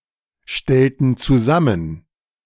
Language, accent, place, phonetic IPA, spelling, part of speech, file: German, Germany, Berlin, [ˌʃtɛltn̩ t͡suˈzamən], stellten zusammen, verb, De-stellten zusammen.ogg
- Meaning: inflection of zusammenstellen: 1. first/third-person plural preterite 2. first/third-person plural subjunctive II